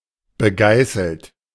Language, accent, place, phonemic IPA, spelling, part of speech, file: German, Germany, Berlin, /bəˈɡaɪ̯sl̩t/, begeißelt, adjective, De-begeißelt.ogg
- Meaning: whipped, flagellated